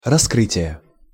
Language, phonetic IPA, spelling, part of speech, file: Russian, [rɐˈskrɨtʲɪjə], раскрытия, noun, Ru-раскрытия.ogg
- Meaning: inflection of раскры́тие (raskrýtije): 1. genitive singular 2. nominative/accusative plural